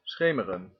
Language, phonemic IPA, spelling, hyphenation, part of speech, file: Dutch, /ˈsxeː.mə.rə(n)/, schemeren, sche‧me‧ren, verb, Nl-schemeren.ogg
- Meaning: to be dusky, to be in twilight